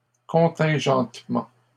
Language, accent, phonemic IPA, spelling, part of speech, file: French, Canada, /kɔ̃.tɛ̃.ʒɑ̃t.mɑ̃/, contingentements, noun, LL-Q150 (fra)-contingentements.wav
- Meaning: plural of contingentement